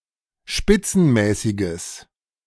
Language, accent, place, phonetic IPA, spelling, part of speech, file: German, Germany, Berlin, [ˈʃpɪt͡sn̩ˌmɛːsɪɡəs], spitzenmäßiges, adjective, De-spitzenmäßiges.ogg
- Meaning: strong/mixed nominative/accusative neuter singular of spitzenmäßig